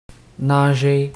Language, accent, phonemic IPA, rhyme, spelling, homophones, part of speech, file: French, Canada, /na.ʒe/, -e, nager, nagé / nageai / nagée / nagées / nagés / nagez, verb, Qc-nager.ogg
- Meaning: to swim